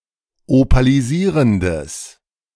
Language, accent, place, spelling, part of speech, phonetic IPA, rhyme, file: German, Germany, Berlin, opalisierendes, adjective, [opaliˈziːʁəndəs], -iːʁəndəs, De-opalisierendes.ogg
- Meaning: strong/mixed nominative/accusative neuter singular of opalisierend